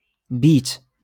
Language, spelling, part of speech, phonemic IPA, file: Moroccan Arabic, بيت, noun, /biːt/, LL-Q56426 (ary)-بيت.wav
- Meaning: 1. room 2. goal